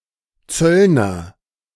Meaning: 1. customs officer 2. publican
- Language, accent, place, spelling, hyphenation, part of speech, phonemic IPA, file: German, Germany, Berlin, Zöllner, Zöll‧ner, noun, /ˈtsœlnɐ/, De-Zöllner.ogg